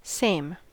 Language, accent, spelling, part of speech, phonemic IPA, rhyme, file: English, General American, same, adjective / adverb / pronoun / interjection, /seɪm/, -eɪm, En-us-same.ogg
- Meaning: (adjective) 1. Not different or other; not another or others; not different as regards self; selfsame; identical 2. Lacking variety from; indistinguishable 3. Similar, alike